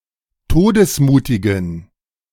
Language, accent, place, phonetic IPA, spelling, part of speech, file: German, Germany, Berlin, [ˈtoːdəsˌmuːtɪɡn̩], todesmutigen, adjective, De-todesmutigen.ogg
- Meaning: inflection of todesmutig: 1. strong genitive masculine/neuter singular 2. weak/mixed genitive/dative all-gender singular 3. strong/weak/mixed accusative masculine singular 4. strong dative plural